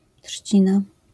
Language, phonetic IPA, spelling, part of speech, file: Polish, [ˈṭʃʲt͡ɕĩna], trzcina, noun, LL-Q809 (pol)-trzcina.wav